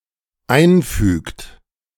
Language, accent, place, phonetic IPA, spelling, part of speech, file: German, Germany, Berlin, [ˈaɪ̯nˌfyːkt], einfügt, verb, De-einfügt.ogg
- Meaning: inflection of einfügen: 1. third-person singular dependent present 2. second-person plural dependent present